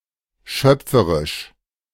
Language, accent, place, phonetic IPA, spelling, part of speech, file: German, Germany, Berlin, [ˈʃœp͡fəʁɪʃ], schöpferisch, adjective, De-schöpferisch.ogg
- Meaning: creative